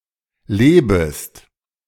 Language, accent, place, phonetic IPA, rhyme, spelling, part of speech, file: German, Germany, Berlin, [ˈleːbəst], -eːbəst, lebest, verb, De-lebest.ogg
- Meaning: second-person singular subjunctive I of leben